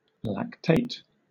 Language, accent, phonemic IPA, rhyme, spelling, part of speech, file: English, Southern England, /lækˈteɪt/, -eɪt, lactate, verb, LL-Q1860 (eng)-lactate.wav
- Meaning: To secrete or produce milk